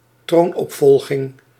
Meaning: succession to the throne
- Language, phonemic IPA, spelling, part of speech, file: Dutch, /ˈtronɔpfɔlɣɪŋ/, troonopvolging, noun, Nl-troonopvolging.ogg